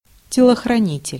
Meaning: bodyguard
- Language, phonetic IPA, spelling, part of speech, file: Russian, [tʲɪɫəxrɐˈnʲitʲɪlʲ], телохранитель, noun, Ru-телохранитель.ogg